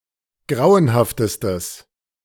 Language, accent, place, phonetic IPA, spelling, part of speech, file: German, Germany, Berlin, [ˈɡʁaʊ̯ənhaftəstəs], grauenhaftestes, adjective, De-grauenhaftestes.ogg
- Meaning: strong/mixed nominative/accusative neuter singular superlative degree of grauenhaft